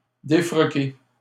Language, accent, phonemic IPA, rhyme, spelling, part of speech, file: French, Canada, /de.fʁɔ.ke/, -e, défroquer, verb, LL-Q150 (fra)-défroquer.wav
- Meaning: to defrock